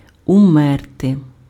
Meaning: to die
- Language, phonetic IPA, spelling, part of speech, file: Ukrainian, [ʊˈmɛrte], умерти, verb, Uk-умерти.ogg